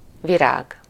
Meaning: 1. flower 2. synonym of szobanövény (“houseplant”) 3. bloom, blossom, prime, cream (the most beautiful, most valuable, or most powerful part, section, or state of something)
- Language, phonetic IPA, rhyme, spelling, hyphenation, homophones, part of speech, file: Hungarian, [ˈviraːɡ], -aːɡ, virág, vi‧rág, Virág, noun, Hu-virág.ogg